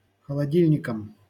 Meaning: dative plural of холоди́льник (xolodílʹnik)
- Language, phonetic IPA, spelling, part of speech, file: Russian, [xəɫɐˈdʲilʲnʲɪkəm], холодильникам, noun, LL-Q7737 (rus)-холодильникам.wav